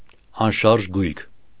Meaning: property; real estate, realty
- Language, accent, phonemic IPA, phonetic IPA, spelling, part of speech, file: Armenian, Eastern Armenian, /ɑnˈʃɑɾʒ ɡujkʰ/, [ɑnʃɑ́ɾʒ ɡujkʰ], անշարժ գույք, noun, Hy-անշարժ գույք.ogg